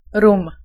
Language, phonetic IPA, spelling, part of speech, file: Polish, [rũm], rum, noun, Pl-rum.ogg